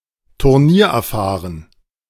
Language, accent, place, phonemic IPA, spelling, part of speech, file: German, Germany, Berlin, /tʊʁˈniːɐ̯ʔɛɐ̯ˌfaːʁən/, turniererfahren, adjective, De-turniererfahren.ogg
- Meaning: experienced at competitions